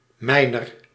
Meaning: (determiner) 1. genitive feminine/plural of mijn; of my 2. dative feminine of mijn; to my; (pronoun) genitive of ik; of me; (noun) 1. buyer or bidder at a public auction 2. miner
- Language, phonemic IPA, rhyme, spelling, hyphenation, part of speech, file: Dutch, /ˈmɛi̯.nər/, -ɛi̯nər, mijner, mij‧ner, determiner / pronoun / noun, Nl-mijner.ogg